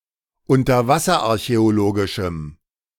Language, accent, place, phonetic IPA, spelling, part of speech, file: German, Germany, Berlin, [ʊntɐˈvasɐʔaʁçɛoˌloːɡɪʃm̩], unterwasserarchäologischem, adjective, De-unterwasserarchäologischem.ogg
- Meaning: strong dative masculine/neuter singular of unterwasserarchäologisch